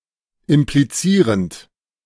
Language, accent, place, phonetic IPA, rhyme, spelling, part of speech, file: German, Germany, Berlin, [ɪmpliˈt͡siːʁənt], -iːʁənt, implizierend, verb, De-implizierend.ogg
- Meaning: present participle of implizieren